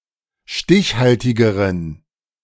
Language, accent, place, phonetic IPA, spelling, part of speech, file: German, Germany, Berlin, [ˈʃtɪçˌhaltɪɡəʁən], stichhaltigeren, adjective, De-stichhaltigeren.ogg
- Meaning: inflection of stichhaltig: 1. strong genitive masculine/neuter singular comparative degree 2. weak/mixed genitive/dative all-gender singular comparative degree